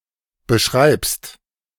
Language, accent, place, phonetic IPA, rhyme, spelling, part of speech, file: German, Germany, Berlin, [bəˈʃʁaɪ̯pst], -aɪ̯pst, beschreibst, verb, De-beschreibst.ogg
- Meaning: second-person singular present of beschreiben